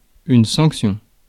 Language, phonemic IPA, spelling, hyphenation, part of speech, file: French, /sɑ̃k.sjɔ̃/, sanction, sanc‧tion, noun, Fr-sanction.ogg
- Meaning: sanction